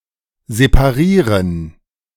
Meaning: to separate (divide (a thing) into separate parts)
- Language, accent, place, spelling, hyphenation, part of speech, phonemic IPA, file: German, Germany, Berlin, separieren, se‧pa‧rie‧ren, verb, /zepaˈʁiːʁən/, De-separieren.ogg